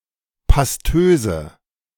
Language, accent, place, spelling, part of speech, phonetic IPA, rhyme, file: German, Germany, Berlin, pastöse, adjective, [pasˈtøːzə], -øːzə, De-pastöse.ogg
- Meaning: inflection of pastös: 1. strong/mixed nominative/accusative feminine singular 2. strong nominative/accusative plural 3. weak nominative all-gender singular 4. weak accusative feminine/neuter singular